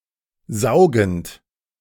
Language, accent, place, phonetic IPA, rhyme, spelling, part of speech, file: German, Germany, Berlin, [ˈzaʊ̯ɡn̩t], -aʊ̯ɡn̩t, saugend, verb, De-saugend.ogg
- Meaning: present participle of saugen